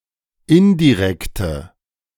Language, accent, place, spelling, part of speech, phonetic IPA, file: German, Germany, Berlin, indirekte, adjective, [ˈɪndiˌʁɛktə], De-indirekte.ogg
- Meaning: inflection of indirekt: 1. strong/mixed nominative/accusative feminine singular 2. strong nominative/accusative plural 3. weak nominative all-gender singular